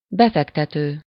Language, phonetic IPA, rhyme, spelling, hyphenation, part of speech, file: Hungarian, [ˈbɛfɛktɛtøː], -tøː, befektető, be‧fek‧te‧tő, verb / noun, Hu-befektető.ogg
- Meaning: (verb) present participle of befektet; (noun) investor (person who invests money in order to make a profit)